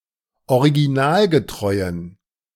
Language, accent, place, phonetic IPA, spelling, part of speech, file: German, Germany, Berlin, [oʁiɡiˈnaːlɡəˌtʁɔɪ̯ən], originalgetreuen, adjective, De-originalgetreuen.ogg
- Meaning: inflection of originalgetreu: 1. strong genitive masculine/neuter singular 2. weak/mixed genitive/dative all-gender singular 3. strong/weak/mixed accusative masculine singular 4. strong dative plural